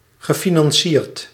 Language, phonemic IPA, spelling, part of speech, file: Dutch, /ɣəˌfinɑnˈsirt/, gefinancierd, verb / adjective, Nl-gefinancierd.ogg
- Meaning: past participle of financieren